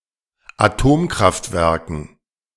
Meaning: dative plural of Atomkraftwerk
- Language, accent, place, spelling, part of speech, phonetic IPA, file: German, Germany, Berlin, Atomkraftwerken, noun, [aˈtoːmkʁaftˌvɛʁkn̩], De-Atomkraftwerken.ogg